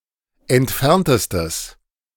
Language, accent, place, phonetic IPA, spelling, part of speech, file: German, Germany, Berlin, [ɛntˈfɛʁntəstəs], entferntestes, adjective, De-entferntestes.ogg
- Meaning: strong/mixed nominative/accusative neuter singular superlative degree of entfernt